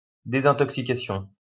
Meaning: 1. detoxification 2. detoxification, detox, rehab
- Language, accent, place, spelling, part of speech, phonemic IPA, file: French, France, Lyon, désintoxication, noun, /de.zɛ̃.tɔk.si.ka.sjɔ̃/, LL-Q150 (fra)-désintoxication.wav